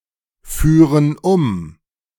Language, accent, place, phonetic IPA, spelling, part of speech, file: German, Germany, Berlin, [ˌfyːʁən ˈʊm], führen um, verb, De-führen um.ogg
- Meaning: first-person plural subjunctive II of umfahren